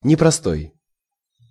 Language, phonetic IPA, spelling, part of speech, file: Russian, [nʲɪprɐˈstoj], непростой, adjective, Ru-непростой.ogg
- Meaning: 1. not simple, complex, complicated 2. not ordinary 3. not basic